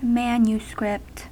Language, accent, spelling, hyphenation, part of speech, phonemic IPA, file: English, US, manuscript, man‧u‧script, adjective / noun, /ˈmæn.jəˌskɹɪpt/, En-us-manuscript.ogg
- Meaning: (adjective) Handwritten, or by extension manually typewritten, as opposed to being mechanically reproduced